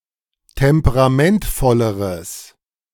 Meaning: strong/mixed nominative/accusative neuter singular comparative degree of temperamentvoll
- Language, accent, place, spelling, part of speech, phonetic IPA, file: German, Germany, Berlin, temperamentvolleres, adjective, [ˌtɛmpəʁaˈmɛntfɔləʁəs], De-temperamentvolleres.ogg